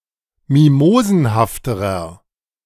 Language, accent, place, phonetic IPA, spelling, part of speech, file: German, Germany, Berlin, [ˈmimoːzn̩haftəʁɐ], mimosenhafterer, adjective, De-mimosenhafterer.ogg
- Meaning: inflection of mimosenhaft: 1. strong/mixed nominative masculine singular comparative degree 2. strong genitive/dative feminine singular comparative degree 3. strong genitive plural comparative degree